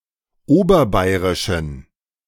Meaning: inflection of oberbayerisch: 1. strong genitive masculine/neuter singular 2. weak/mixed genitive/dative all-gender singular 3. strong/weak/mixed accusative masculine singular 4. strong dative plural
- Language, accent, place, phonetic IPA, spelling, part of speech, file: German, Germany, Berlin, [ˈoːbɐˌbaɪ̯ʁɪʃn̩], oberbayerischen, adjective, De-oberbayerischen.ogg